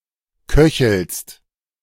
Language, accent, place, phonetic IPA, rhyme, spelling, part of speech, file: German, Germany, Berlin, [ˈkœçl̩st], -œçl̩st, köchelst, verb, De-köchelst.ogg
- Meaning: second-person singular present of köcheln